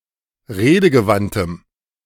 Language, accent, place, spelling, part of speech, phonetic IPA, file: German, Germany, Berlin, redegewandtem, adjective, [ˈʁeːdəɡəˌvantəm], De-redegewandtem.ogg
- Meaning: strong dative masculine/neuter singular of redegewandt